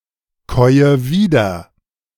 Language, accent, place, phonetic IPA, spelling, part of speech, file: German, Germany, Berlin, [ˌkɔɪ̯ə ˈviːdɐ], käue wieder, verb, De-käue wieder.ogg
- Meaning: inflection of wiederkäuen: 1. first-person singular present 2. first/third-person singular subjunctive I 3. singular imperative